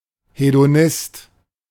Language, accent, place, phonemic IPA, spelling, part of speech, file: German, Germany, Berlin, /hedoˈnɪst/, Hedonist, noun, De-Hedonist.ogg
- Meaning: hedonist